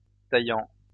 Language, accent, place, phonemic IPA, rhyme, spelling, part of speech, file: French, France, Lyon, /ta.jɑ̃/, -jɑ̃, taillant, verb, LL-Q150 (fra)-taillant.wav
- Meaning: present participle of tailler